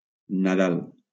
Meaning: Christmas
- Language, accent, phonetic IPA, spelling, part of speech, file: Catalan, Valencia, [naˈðal], Nadal, proper noun, LL-Q7026 (cat)-Nadal.wav